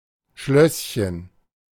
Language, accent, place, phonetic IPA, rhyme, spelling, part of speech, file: German, Germany, Berlin, [ˈʃlœsçən], -œsçən, Schlösschen, noun, De-Schlösschen.ogg
- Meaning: diminutive of Schloss